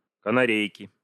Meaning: inflection of канаре́йка (kanaréjka): 1. genitive singular 2. nominative plural
- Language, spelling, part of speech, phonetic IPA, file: Russian, канарейки, noun, [kənɐˈrʲejkʲɪ], Ru-канарейки.ogg